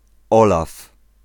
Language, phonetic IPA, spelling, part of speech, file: Polish, [ˈɔlaf], Olaf, proper noun, Pl-Olaf.ogg